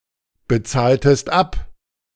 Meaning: inflection of abbezahlen: 1. second-person singular preterite 2. second-person singular subjunctive II
- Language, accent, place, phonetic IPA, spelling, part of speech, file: German, Germany, Berlin, [bəˌt͡saːltəst ˈap], bezahltest ab, verb, De-bezahltest ab.ogg